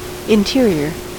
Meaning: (adjective) 1. Within any limits, enclosure, or substance; inside; internal; inner 2. Remote from the limits, frontier, or shore; inland
- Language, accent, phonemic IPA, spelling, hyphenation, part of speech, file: English, General American, /ɪnˈtɪ.ɹi.ɚ/, interior, in‧ter‧i‧or, adjective / noun, En-us-interior.ogg